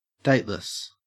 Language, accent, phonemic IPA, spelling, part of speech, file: English, Australia, /ˈdeɪtlɪs/, dateless, adjective, En-au-dateless.ogg
- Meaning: 1. Out of one's head; deranged 2. Thick-headed 3. Without a date imprinted, assigned, or associated 4. Having no date (meeting with a lover or potential lover) 5. Timeless; immortal; endless